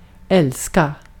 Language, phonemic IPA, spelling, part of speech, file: Swedish, /ˈɛlˌska/, älska, verb, Sv-älska.ogg
- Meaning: 1. to love (romantically or otherwise – same tone as in English) 2. to make love